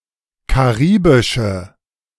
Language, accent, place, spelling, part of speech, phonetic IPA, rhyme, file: German, Germany, Berlin, karibische, adjective, [kaˈʁiːbɪʃə], -iːbɪʃə, De-karibische.ogg
- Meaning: inflection of karibisch: 1. strong/mixed nominative/accusative feminine singular 2. strong nominative/accusative plural 3. weak nominative all-gender singular